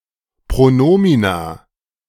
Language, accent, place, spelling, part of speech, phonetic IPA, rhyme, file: German, Germany, Berlin, Pronomina, noun, [pʁoˈnoːmina], -oːmina, De-Pronomina.ogg
- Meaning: plural of Pronomen